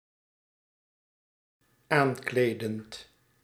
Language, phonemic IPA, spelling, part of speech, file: Dutch, /ˈaɲkledənt/, aankledend, verb, Nl-aankledend.ogg
- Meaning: present participle of aankleden